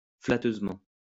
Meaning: flatteringly
- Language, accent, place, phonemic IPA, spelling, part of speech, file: French, France, Lyon, /fla.tøz.mɑ̃/, flatteusement, adverb, LL-Q150 (fra)-flatteusement.wav